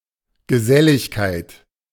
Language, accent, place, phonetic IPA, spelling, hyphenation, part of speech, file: German, Germany, Berlin, [ɡəˈzɛlɪçkaɪ̯t], Geselligkeit, Ge‧sel‧lig‧keit, noun, De-Geselligkeit.ogg
- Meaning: conviviality, sociability